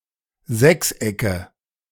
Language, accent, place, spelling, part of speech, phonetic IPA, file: German, Germany, Berlin, Sechsecke, noun, [ˈzɛksˌʔɛkə], De-Sechsecke.ogg
- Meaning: nominative/accusative/genitive plural of Sechseck